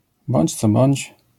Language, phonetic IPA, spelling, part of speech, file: Polish, [ˈbɔ̃ɲt͡ɕ ˈt͡sɔ ˈbɔ̃ɲt͡ɕ], bądź co bądź, adverbial phrase, LL-Q809 (pol)-bądź co bądź.wav